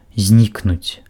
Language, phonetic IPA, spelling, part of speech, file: Belarusian, [ˈzʲnʲiknut͡sʲ], знікнуць, verb, Be-знікнуць.ogg
- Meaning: to disappear, to vanish